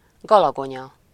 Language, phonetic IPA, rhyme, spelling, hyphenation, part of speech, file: Hungarian, [ˈɡɒlɒɡoɲɒ], -ɲɒ, galagonya, ga‧la‧go‧nya, noun, Hu-galagonya.ogg
- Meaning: hawthorn